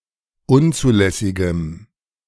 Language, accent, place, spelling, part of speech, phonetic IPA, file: German, Germany, Berlin, unzulässigem, adjective, [ˈʊnt͡suːˌlɛsɪɡəm], De-unzulässigem.ogg
- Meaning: strong dative masculine/neuter singular of unzulässig